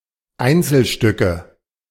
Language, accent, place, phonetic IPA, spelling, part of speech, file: German, Germany, Berlin, [ˈaɪ̯nt͡sl̩ˌʃtʏkə], Einzelstücke, noun, De-Einzelstücke.ogg
- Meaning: nominative/accusative/genitive plural of Einzelstück